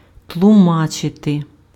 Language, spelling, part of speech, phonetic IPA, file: Ukrainian, тлумачити, verb, [tɫʊˈmat͡ʃete], Uk-тлумачити.ogg
- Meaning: 1. to interpret, to construe 2. to explain, to explicate